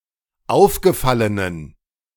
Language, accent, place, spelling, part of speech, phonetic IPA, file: German, Germany, Berlin, aufgefallenen, adjective, [ˈaʊ̯fɡəˌfalənən], De-aufgefallenen.ogg
- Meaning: inflection of aufgefallen: 1. strong genitive masculine/neuter singular 2. weak/mixed genitive/dative all-gender singular 3. strong/weak/mixed accusative masculine singular 4. strong dative plural